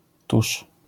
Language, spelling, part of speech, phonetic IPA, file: Polish, tusz, noun / verb, [tuʃ], LL-Q809 (pol)-tusz.wav